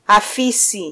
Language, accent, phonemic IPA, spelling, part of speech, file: Swahili, Kenya, /ɑˈfi.si/, afisi, noun, Sw-ke-afisi.flac
- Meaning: alternative form of ofisi (“office”)